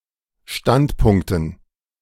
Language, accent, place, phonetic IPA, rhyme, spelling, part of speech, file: German, Germany, Berlin, [ˈʃtantˌpʊŋktn̩], -antpʊŋktn̩, Standpunkten, noun, De-Standpunkten.ogg
- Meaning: dative plural of Standpunkt